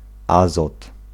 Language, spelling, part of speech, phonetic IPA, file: Polish, azot, noun, [ˈazɔt], Pl-azot.ogg